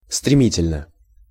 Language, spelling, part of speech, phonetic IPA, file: Russian, стремительно, adverb / adjective, [strʲɪˈmʲitʲɪlʲnə], Ru-стремительно.ogg
- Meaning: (adverb) 1. headlong (with an unrestrained forward motion) 2. by leaps and bounds; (adjective) short neuter singular of стреми́тельный (stremítelʹnyj)